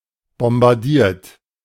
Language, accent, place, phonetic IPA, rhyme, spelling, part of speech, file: German, Germany, Berlin, [bɔmbaʁˈdiːɐ̯t], -iːɐ̯t, bombardiert, verb, De-bombardiert.ogg
- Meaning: 1. past participle of bombardieren 2. inflection of bombardieren: third-person singular present 3. inflection of bombardieren: second-person plural present